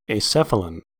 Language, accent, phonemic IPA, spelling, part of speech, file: English, US, /eɪˈsɛ.fə.lən/, acephalan, noun / adjective, En-us-acephalan.ogg
- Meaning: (noun) Acephal; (adjective) Belonging to the Acephala